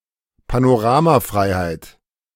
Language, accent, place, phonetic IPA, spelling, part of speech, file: German, Germany, Berlin, [panoˈʁaːmaˌfʁaɪ̯haɪ̯t], Panoramafreiheit, noun, De-Panoramafreiheit.ogg
- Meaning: freedom of panorama